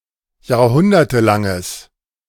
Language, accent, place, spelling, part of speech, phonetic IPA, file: German, Germany, Berlin, jahrhundertelanges, adjective, [jaːɐ̯ˈhʊndɐtəˌlaŋəs], De-jahrhundertelanges.ogg
- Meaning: strong/mixed nominative/accusative neuter singular of jahrhundertelang